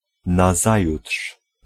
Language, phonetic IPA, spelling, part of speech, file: Polish, [naˈzajuṭʃ], nazajutrz, adverb, Pl-nazajutrz.ogg